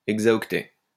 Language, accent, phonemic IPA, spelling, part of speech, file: French, France, /ɛɡ.za.ɔk.tɛ/, exaoctet, noun, LL-Q150 (fra)-exaoctet.wav
- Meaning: exabyte